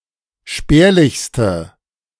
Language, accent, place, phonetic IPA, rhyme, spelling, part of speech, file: German, Germany, Berlin, [ˈʃpɛːɐ̯lɪçstə], -ɛːɐ̯lɪçstə, spärlichste, adjective, De-spärlichste.ogg
- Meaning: inflection of spärlich: 1. strong/mixed nominative/accusative feminine singular superlative degree 2. strong nominative/accusative plural superlative degree